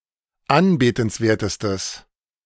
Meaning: strong/mixed nominative/accusative neuter singular superlative degree of anbetenswert
- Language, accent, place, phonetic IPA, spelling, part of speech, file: German, Germany, Berlin, [ˈanbeːtn̩sˌveːɐ̯təstəs], anbetenswertestes, adjective, De-anbetenswertestes.ogg